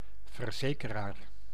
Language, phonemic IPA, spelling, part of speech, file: Dutch, /vərˈzeː.kə.raːr/, verzekeraar, noun, Nl-verzekeraar.ogg
- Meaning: insurer